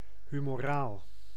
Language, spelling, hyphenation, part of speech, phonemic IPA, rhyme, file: Dutch, humoraal, hu‧mo‧raal, adjective, /ˌɦy.moːˈraːl/, -aːl, Nl-humoraal.ogg
- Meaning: 1. humoral, pertaining to the humours 2. humoral, pertaining to the body fluids